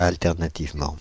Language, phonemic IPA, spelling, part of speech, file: French, /al.tɛʁ.na.tiv.mɑ̃/, alternativement, adverb, Fr-alternativement.ogg
- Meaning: 1. alternatively 2. in turn